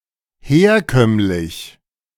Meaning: conventional, traditional
- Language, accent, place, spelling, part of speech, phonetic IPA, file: German, Germany, Berlin, herkömmlich, adjective, [ˈheːɐ̯ˌkœmlɪç], De-herkömmlich.ogg